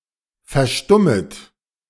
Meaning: second-person plural subjunctive I of verstummen
- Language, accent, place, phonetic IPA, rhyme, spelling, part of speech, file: German, Germany, Berlin, [fɛɐ̯ˈʃtʊmət], -ʊmət, verstummet, verb, De-verstummet.ogg